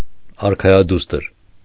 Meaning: princess
- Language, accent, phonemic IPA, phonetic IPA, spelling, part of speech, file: Armenian, Eastern Armenian, /ɑɾkʰɑjɑˈdustəɾ/, [ɑɾkʰɑjɑdústəɾ], արքայադուստր, noun, Hy-արքայադուստր.ogg